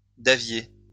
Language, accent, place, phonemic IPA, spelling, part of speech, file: French, France, Lyon, /da.vje/, davier, noun, LL-Q150 (fra)-davier.wav
- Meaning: forceps